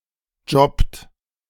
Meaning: third-person singular present of jobben
- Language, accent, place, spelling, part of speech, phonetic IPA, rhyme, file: German, Germany, Berlin, jobbt, verb, [d͡ʒɔpt], -ɔpt, De-jobbt.ogg